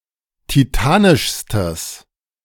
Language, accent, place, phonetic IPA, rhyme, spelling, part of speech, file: German, Germany, Berlin, [tiˈtaːnɪʃstəs], -aːnɪʃstəs, titanischstes, adjective, De-titanischstes.ogg
- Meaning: strong/mixed nominative/accusative neuter singular superlative degree of titanisch